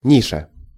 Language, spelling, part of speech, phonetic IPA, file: Russian, ниша, noun, [ˈnʲiʂə], Ru-ниша.ogg
- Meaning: niche, recess